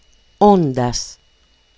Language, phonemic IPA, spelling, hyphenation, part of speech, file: Greek, /ˈon.das/, όντας, ό‧ντας, verb, El-όντας.ogg
- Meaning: 1. Present participle of είμαι (eímai): being 2. accusative masculine plural of ων (on) (rarely used)